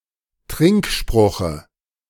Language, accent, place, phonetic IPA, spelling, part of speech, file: German, Germany, Berlin, [ˈtʁɪŋkˌʃpʁʊxə], Trinkspruche, noun, De-Trinkspruche.ogg
- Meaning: dative of Trinkspruch